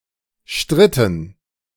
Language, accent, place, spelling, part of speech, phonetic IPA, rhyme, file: German, Germany, Berlin, stritten, verb, [ˈʃtʁɪtn̩], -ɪtn̩, De-stritten.ogg
- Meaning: inflection of streiten: 1. first/third-person plural preterite 2. first/third-person plural subjunctive II